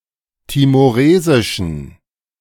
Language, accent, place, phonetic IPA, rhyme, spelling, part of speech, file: German, Germany, Berlin, [timoˈʁeːzɪʃn̩], -eːzɪʃn̩, timoresischen, adjective, De-timoresischen.ogg
- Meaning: inflection of timoresisch: 1. strong genitive masculine/neuter singular 2. weak/mixed genitive/dative all-gender singular 3. strong/weak/mixed accusative masculine singular 4. strong dative plural